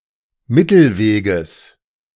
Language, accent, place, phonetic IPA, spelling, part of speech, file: German, Germany, Berlin, [ˈmɪtl̩ˌveːɡəs], Mittelweges, noun, De-Mittelweges.ogg
- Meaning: genitive singular of Mittelweg